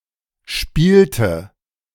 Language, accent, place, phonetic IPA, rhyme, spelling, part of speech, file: German, Germany, Berlin, [ˈʃpiːltə], -iːltə, spielte, verb, De-spielte.ogg
- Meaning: inflection of spielen: 1. first/third-person singular preterite 2. first/third-person singular subjunctive II